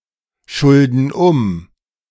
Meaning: inflection of umschulden: 1. first/third-person plural present 2. first/third-person plural subjunctive I
- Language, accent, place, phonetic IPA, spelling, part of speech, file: German, Germany, Berlin, [ˌʃʊldn̩ ˈʊm], schulden um, verb, De-schulden um.ogg